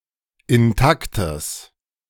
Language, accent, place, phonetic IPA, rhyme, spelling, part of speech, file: German, Germany, Berlin, [ɪnˈtaktəs], -aktəs, intaktes, adjective, De-intaktes.ogg
- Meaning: strong/mixed nominative/accusative neuter singular of intakt